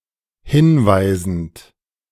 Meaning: present participle of hinweisen
- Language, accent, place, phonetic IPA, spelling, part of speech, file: German, Germany, Berlin, [ˈhɪnˌvaɪ̯zn̩t], hinweisend, verb, De-hinweisend.ogg